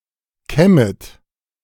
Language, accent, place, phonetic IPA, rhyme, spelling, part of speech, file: German, Germany, Berlin, [ˈkɛmət], -ɛmət, kämmet, verb, De-kämmet.ogg
- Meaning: second-person plural subjunctive I of kämmen